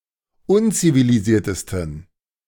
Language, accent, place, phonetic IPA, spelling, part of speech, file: German, Germany, Berlin, [ˈʊnt͡siviliˌziːɐ̯təstn̩], unzivilisiertesten, adjective, De-unzivilisiertesten.ogg
- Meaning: 1. superlative degree of unzivilisiert 2. inflection of unzivilisiert: strong genitive masculine/neuter singular superlative degree